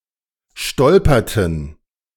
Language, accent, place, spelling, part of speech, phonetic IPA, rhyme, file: German, Germany, Berlin, stolperten, verb, [ˈʃtɔlpɐtn̩], -ɔlpɐtn̩, De-stolperten.ogg
- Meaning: inflection of stolpern: 1. first/third-person plural preterite 2. first/third-person plural subjunctive II